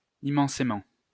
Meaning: 1. immensely 2. tremendously
- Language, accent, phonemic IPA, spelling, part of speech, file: French, France, /i(m).mɑ̃.se.mɑ̃/, immensément, adverb, LL-Q150 (fra)-immensément.wav